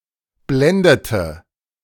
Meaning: inflection of blenden: 1. first/third-person singular preterite 2. first/third-person singular subjunctive II
- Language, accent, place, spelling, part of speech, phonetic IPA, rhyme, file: German, Germany, Berlin, blendete, verb, [ˈblɛndətə], -ɛndətə, De-blendete.ogg